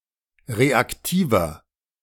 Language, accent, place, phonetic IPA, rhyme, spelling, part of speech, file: German, Germany, Berlin, [ˌʁeakˈtiːvɐ], -iːvɐ, reaktiver, adjective, De-reaktiver.ogg
- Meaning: inflection of reaktiv: 1. strong/mixed nominative masculine singular 2. strong genitive/dative feminine singular 3. strong genitive plural